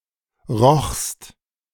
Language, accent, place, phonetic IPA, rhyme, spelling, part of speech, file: German, Germany, Berlin, [ʁɔxst], -ɔxst, rochst, verb, De-rochst.ogg
- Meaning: second-person singular preterite of riechen